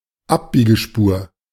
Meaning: filter lane, turning lane
- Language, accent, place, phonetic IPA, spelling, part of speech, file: German, Germany, Berlin, [ˈapbiːɡəˌʃpuːɐ̯], Abbiegespur, noun, De-Abbiegespur.ogg